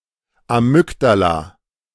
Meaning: amygdala
- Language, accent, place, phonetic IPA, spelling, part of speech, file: German, Germany, Berlin, [aˈmʏkdala], Amygdala, noun, De-Amygdala.ogg